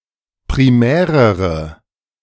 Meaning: inflection of primär: 1. strong/mixed nominative/accusative feminine singular comparative degree 2. strong nominative/accusative plural comparative degree
- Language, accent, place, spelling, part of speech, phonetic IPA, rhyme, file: German, Germany, Berlin, primärere, adjective, [pʁiˈmɛːʁəʁə], -ɛːʁəʁə, De-primärere.ogg